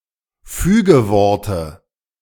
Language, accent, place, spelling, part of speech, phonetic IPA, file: German, Germany, Berlin, Fügeworte, noun, [ˈfyːɡəˌvɔʁtə], De-Fügeworte.ogg
- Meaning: dative of Fügewort